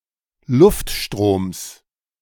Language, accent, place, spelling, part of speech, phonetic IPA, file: German, Germany, Berlin, Luftstroms, noun, [ˈlʊftˌʃtʁoːms], De-Luftstroms.ogg
- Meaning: genitive singular of Luftstrom